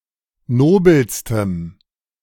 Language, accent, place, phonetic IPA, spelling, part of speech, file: German, Germany, Berlin, [ˈnoːbl̩stəm], nobelstem, adjective, De-nobelstem.ogg
- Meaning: strong dative masculine/neuter singular superlative degree of nobel